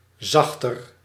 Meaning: comparative degree of zacht
- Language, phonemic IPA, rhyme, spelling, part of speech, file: Dutch, /ˈzɑx.tər/, -ɑxtər, zachter, adjective, Nl-zachter.ogg